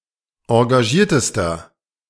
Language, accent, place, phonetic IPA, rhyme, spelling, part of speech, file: German, Germany, Berlin, [ɑ̃ɡaˈʒiːɐ̯təstɐ], -iːɐ̯təstɐ, engagiertester, adjective, De-engagiertester.ogg
- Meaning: inflection of engagiert: 1. strong/mixed nominative masculine singular superlative degree 2. strong genitive/dative feminine singular superlative degree 3. strong genitive plural superlative degree